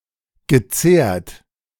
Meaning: past participle of zehren
- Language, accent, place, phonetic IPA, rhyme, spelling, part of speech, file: German, Germany, Berlin, [ɡəˈt͡seːɐ̯t], -eːɐ̯t, gezehrt, verb, De-gezehrt.ogg